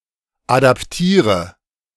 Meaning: inflection of adaptieren: 1. first-person singular present 2. first/third-person singular subjunctive I 3. singular imperative
- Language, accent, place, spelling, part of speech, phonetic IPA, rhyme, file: German, Germany, Berlin, adaptiere, verb, [ˌadapˈtiːʁə], -iːʁə, De-adaptiere.ogg